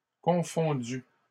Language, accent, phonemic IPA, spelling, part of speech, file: French, Canada, /kɔ̃.fɔ̃.dy/, confondue, verb, LL-Q150 (fra)-confondue.wav
- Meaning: feminine singular of confondu